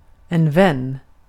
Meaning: 1. a friend 2. a supporter, a friend
- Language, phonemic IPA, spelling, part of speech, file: Swedish, /vɛnː/, vän, noun, Sv-vän.ogg